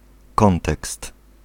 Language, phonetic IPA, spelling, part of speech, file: Polish, [ˈkɔ̃ntɛkst], kontekst, noun, Pl-kontekst.ogg